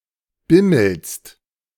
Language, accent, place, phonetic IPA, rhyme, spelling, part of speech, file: German, Germany, Berlin, [ˈbɪml̩st], -ɪml̩st, bimmelst, verb, De-bimmelst.ogg
- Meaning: second-person singular present of bimmeln